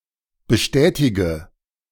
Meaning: inflection of bestätigen: 1. first-person singular present 2. singular imperative 3. first/third-person singular subjunctive I
- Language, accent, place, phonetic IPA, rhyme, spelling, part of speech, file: German, Germany, Berlin, [bəˈʃtɛːtɪɡə], -ɛːtɪɡə, bestätige, verb, De-bestätige.ogg